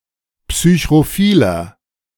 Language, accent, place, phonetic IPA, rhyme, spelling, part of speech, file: German, Germany, Berlin, [psyçʁoˈfiːlɐ], -iːlɐ, psychrophiler, adjective, De-psychrophiler.ogg
- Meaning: inflection of psychrophil: 1. strong/mixed nominative masculine singular 2. strong genitive/dative feminine singular 3. strong genitive plural